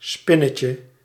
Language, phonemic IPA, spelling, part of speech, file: Dutch, /ˈspɪnəcə/, spinnetje, noun, Nl-spinnetje.ogg
- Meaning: diminutive of spin